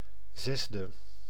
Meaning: sixth
- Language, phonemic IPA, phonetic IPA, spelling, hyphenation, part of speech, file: Dutch, /ˈzɛs.də/, [ˈzɛzdə], zesde, zes‧de, adjective, Nl-zesde.ogg